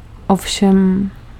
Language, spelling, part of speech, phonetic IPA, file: Czech, ovšem, conjunction / interjection, [ˈofʃɛm], Cs-ovšem.ogg
- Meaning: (conjunction) but; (interjection) sure thing; of course; yes